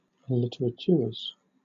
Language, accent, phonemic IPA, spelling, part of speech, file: English, Southern England, /ˈlɪtəɹətjʊə(ɹ)z/, literatuers, noun, LL-Q1860 (eng)-literatuers.wav
- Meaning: plural of literatuer